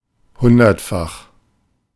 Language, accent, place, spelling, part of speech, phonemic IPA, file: German, Germany, Berlin, hundertfach, adjective, /ˈhʊndɐtˌfaχ/, De-hundertfach.ogg
- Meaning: hundredfold